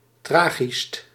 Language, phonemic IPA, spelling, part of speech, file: Dutch, /ˈtraːɣist/, tragischt, adjective, Nl-tragischt.ogg
- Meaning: superlative degree of tragisch